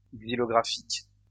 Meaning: xylographic
- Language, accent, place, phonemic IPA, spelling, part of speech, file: French, France, Lyon, /ɡzi.lɔ.ɡʁa.fik/, xylographique, adjective, LL-Q150 (fra)-xylographique.wav